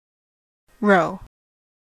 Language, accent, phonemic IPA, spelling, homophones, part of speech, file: English, US, /ɹoʊ/, rho, roe / Roe / Wroe / row, noun, En-us-rho.ogg
- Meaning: 1. The seventeenth letter of the Modern Greek and Classical alphabets and the nineteenth letter of Old and Ancient 2. The sensitivity of the option value to the risk-free interest rate